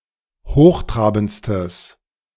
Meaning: strong/mixed nominative/accusative neuter singular superlative degree of hochtrabend
- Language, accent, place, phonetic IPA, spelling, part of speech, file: German, Germany, Berlin, [ˈhoːxˌtʁaːbn̩t͡stəs], hochtrabendstes, adjective, De-hochtrabendstes.ogg